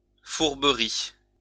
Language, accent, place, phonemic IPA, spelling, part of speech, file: French, France, Lyon, /fuʁ.bə.ʁi/, fourberie, noun, LL-Q150 (fra)-fourberie.wav
- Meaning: deceit, trickery, guile